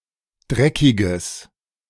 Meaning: strong/mixed nominative/accusative neuter singular of dreckig
- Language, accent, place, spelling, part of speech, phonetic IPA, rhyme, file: German, Germany, Berlin, dreckiges, adjective, [ˈdʁɛkɪɡəs], -ɛkɪɡəs, De-dreckiges.ogg